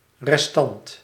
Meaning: remnant, remainder
- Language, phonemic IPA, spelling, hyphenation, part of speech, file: Dutch, /rɛsˈtɑnt/, restant, res‧tant, noun, Nl-restant.ogg